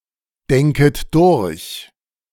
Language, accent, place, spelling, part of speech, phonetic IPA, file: German, Germany, Berlin, denket durch, verb, [ˌdɛŋkət ˈdʊʁç], De-denket durch.ogg
- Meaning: second-person plural subjunctive I of durchdenken